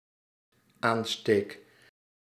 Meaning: first-person singular dependent-clause present indicative of aansteken
- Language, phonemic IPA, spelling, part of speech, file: Dutch, /ˈanstek/, aansteek, verb, Nl-aansteek.ogg